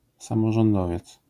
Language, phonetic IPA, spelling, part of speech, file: Polish, [ˌsãmɔʒɔ̃nˈdɔvʲjɛt͡s], samorządowiec, noun, LL-Q809 (pol)-samorządowiec.wav